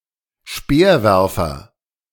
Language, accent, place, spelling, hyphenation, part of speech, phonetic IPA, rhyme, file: German, Germany, Berlin, Speerwerfer, Speer‧wer‧fer, noun, [ˈʃpeːɐ̯ˌvɛʁfɐ], -ɛʁfɐ, De-Speerwerfer.ogg
- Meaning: javelin thrower, javelinist, spearcaster